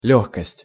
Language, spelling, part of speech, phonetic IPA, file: Russian, лёгкость, noun, [ˈlʲɵxkəsʲtʲ], Ru-лёгкость.ogg
- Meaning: 1. easiness, ease (the quality of being easy; simplicity) 2. lightness (the state of having little weight)